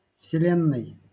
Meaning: genitive/dative/instrumental/prepositional singular of вселе́нная (vselénnaja)
- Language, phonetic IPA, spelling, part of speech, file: Russian, [fsʲɪˈlʲenːəj], вселенной, noun, LL-Q7737 (rus)-вселенной.wav